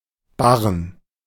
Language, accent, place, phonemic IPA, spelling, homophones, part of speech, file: German, Germany, Berlin, /ˈbarən/, Barren, Bahn, noun, De-Barren.ogg
- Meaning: 1. bar, ingot 2. parallel bars